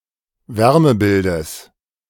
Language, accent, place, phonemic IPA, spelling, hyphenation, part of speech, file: German, Germany, Berlin, /ˈvɛʁməˌbɪldəs/, Wärmebildes, Wär‧me‧bil‧des, noun, De-Wärmebildes.ogg
- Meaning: genitive singular of Wärmebild